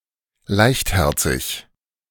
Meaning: lighthearted, carefree
- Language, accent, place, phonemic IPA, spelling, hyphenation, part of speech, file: German, Germany, Berlin, /ˈlaɪ̯çtˌhɛʁt͡sɪç/, leichtherzig, leicht‧her‧zig, adjective, De-leichtherzig.ogg